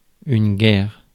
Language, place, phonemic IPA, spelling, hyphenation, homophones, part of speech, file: French, Paris, /ɡɛʁ/, guerre, guerre, guerres / guère, noun, Fr-guerre.ogg
- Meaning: war